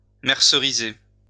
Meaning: to mercerise
- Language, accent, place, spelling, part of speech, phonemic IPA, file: French, France, Lyon, merceriser, verb, /mɛʁ.sə.ʁi.ze/, LL-Q150 (fra)-merceriser.wav